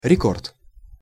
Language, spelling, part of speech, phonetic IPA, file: Russian, рекорд, noun, [rʲɪˈkort], Ru-рекорд.ogg
- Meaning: record (most extreme known value of some achievement)